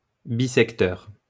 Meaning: bisecting
- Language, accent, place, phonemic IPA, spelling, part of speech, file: French, France, Lyon, /bi.sɛk.tœʁ/, bissecteur, adjective, LL-Q150 (fra)-bissecteur.wav